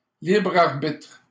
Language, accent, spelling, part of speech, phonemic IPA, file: French, Canada, libre arbitre, noun, /libʁ aʁ.bitʁ/, LL-Q150 (fra)-libre arbitre.wav
- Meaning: free will